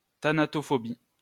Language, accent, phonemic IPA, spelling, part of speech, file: French, France, /ta.na.tɔ.fɔ.bi/, thanatophobie, noun, LL-Q150 (fra)-thanatophobie.wav
- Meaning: thanatophobia